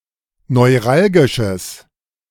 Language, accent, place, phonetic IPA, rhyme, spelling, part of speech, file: German, Germany, Berlin, [nɔɪ̯ˈʁalɡɪʃəs], -alɡɪʃəs, neuralgisches, adjective, De-neuralgisches.ogg
- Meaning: strong/mixed nominative/accusative neuter singular of neuralgisch